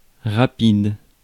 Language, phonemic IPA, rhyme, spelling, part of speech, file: French, /ʁa.pid/, -id, rapide, adjective / adverb / noun, Fr-rapide.ogg
- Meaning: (adjective) fast, rapid; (adverb) fast; rapidly; quickly; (noun) 1. rapid (stretch of river) 2. express (fast train)